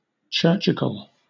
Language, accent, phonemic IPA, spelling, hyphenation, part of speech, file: English, Southern England, /ˈt͡ʃɜːt͡ʃɪk(ə)l/, churchical, church‧ic‧al, adjective, LL-Q1860 (eng)-churchical.wav
- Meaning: 1. Pertaining to or characteristic of church; ecclesiastical 2. Belonging to a style of Reggae music that reflects a spiritual sensibility